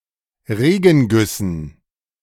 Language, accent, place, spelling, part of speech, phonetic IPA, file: German, Germany, Berlin, Regengüssen, noun, [ˈʁeːɡn̩ˌɡʏsn̩], De-Regengüssen.ogg
- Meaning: dative plural of Regenguss